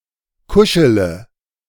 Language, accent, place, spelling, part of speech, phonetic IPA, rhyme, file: German, Germany, Berlin, kuschele, verb, [ˈkʊʃələ], -ʊʃələ, De-kuschele.ogg
- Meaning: inflection of kuscheln: 1. first-person singular present 2. singular imperative 3. first/third-person singular subjunctive I